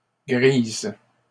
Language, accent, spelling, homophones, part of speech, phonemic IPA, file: French, Canada, grises, grise, adjective, /ɡʁiz/, LL-Q150 (fra)-grises.wav
- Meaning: feminine plural of gris